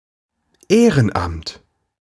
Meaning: volunteer work
- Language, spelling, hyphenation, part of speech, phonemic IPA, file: German, Ehrenamt, Eh‧ren‧amt, noun, /ˈeːʁənˌʔamt/, De-Ehrenamt.ogg